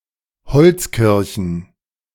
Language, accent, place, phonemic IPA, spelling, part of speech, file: German, Germany, Berlin, /ˈhɔlt͡sˌkɪʁçn̩/, Holzkirchen, proper noun / noun, De-Holzkirchen.ogg
- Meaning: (proper noun) 1. a municipality in Upper Bavaria, Germany 2. a municipality in Lower Franconia district, Bavaria, Germany; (noun) plural of Holzkirche